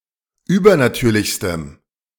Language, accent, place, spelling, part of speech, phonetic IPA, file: German, Germany, Berlin, übernatürlichstem, adjective, [ˈyːbɐnaˌtyːɐ̯lɪçstəm], De-übernatürlichstem.ogg
- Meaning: strong dative masculine/neuter singular superlative degree of übernatürlich